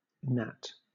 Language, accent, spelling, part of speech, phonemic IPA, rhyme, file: English, Southern England, gnat, noun, /næt/, -æt, LL-Q1860 (eng)-gnat.wav
- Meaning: 1. A biting insect, especially a mosquito 2. An annoying person